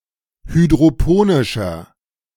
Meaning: inflection of hydroponisch: 1. strong/mixed nominative masculine singular 2. strong genitive/dative feminine singular 3. strong genitive plural
- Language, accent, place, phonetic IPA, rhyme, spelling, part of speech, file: German, Germany, Berlin, [hydʁoˈpoːnɪʃɐ], -oːnɪʃɐ, hydroponischer, adjective, De-hydroponischer.ogg